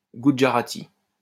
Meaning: alternative spelling of gujarati
- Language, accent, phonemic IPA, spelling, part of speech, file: French, France, /ɡu.dʒa.ʁa.ti/, goudjarati, noun, LL-Q150 (fra)-goudjarati.wav